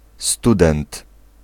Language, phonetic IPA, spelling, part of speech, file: Polish, [ˈstudɛ̃nt], student, noun, Pl-student.ogg